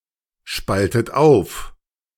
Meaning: inflection of aufspalten: 1. third-person singular present 2. second-person plural present 3. second-person plural subjunctive I 4. plural imperative
- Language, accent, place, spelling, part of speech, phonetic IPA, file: German, Germany, Berlin, spaltet auf, verb, [ˌʃpaltət ˈaʊ̯f], De-spaltet auf.ogg